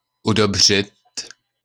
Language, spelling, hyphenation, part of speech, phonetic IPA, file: Czech, udobřit, udob‧řit, verb, [ˈudobr̝ɪt], LL-Q9056 (ces)-udobřit.wav
- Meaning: 1. to appease, placate, pacify 2. to make one's peace with sb, to be reconciled